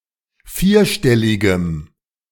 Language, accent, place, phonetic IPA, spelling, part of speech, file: German, Germany, Berlin, [ˈfiːɐ̯ˌʃtɛlɪɡəm], vierstelligem, adjective, De-vierstelligem.ogg
- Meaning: strong dative masculine/neuter singular of vierstellig